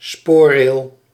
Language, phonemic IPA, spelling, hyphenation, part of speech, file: Dutch, /ˈspoː(r).reːl/, spoorrail, spoor‧rail, noun, Nl-spoorrail.ogg
- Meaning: rail track